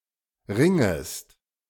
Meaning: second-person singular subjunctive I of ringen
- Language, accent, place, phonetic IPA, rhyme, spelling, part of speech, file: German, Germany, Berlin, [ˈʁɪŋəst], -ɪŋəst, ringest, verb, De-ringest.ogg